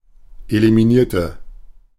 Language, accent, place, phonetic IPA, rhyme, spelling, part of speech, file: German, Germany, Berlin, [elimiˈniːɐ̯tə], -iːɐ̯tə, eliminierte, adjective / verb, De-eliminierte.ogg
- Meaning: inflection of eliminieren: 1. first/third-person singular preterite 2. first/third-person singular subjunctive II